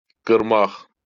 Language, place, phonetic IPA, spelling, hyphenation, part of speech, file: Azerbaijani, Baku, [ɡɯrˈmɑχ], qırmaq, qır‧maq, verb, LL-Q9292 (aze)-qırmaq.wav
- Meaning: 1. to break 2. to cut off, break off, sever 3. to rend, tear apart 4. to crush 5. to chop 6. to interrupt, cut off 7. to cut down, cut out 8. to slaughter, slay, massacre